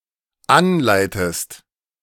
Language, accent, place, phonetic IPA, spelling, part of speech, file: German, Germany, Berlin, [ˈanˌlaɪ̯təst], anleitest, verb, De-anleitest.ogg
- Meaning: inflection of anleiten: 1. second-person singular dependent present 2. second-person singular dependent subjunctive I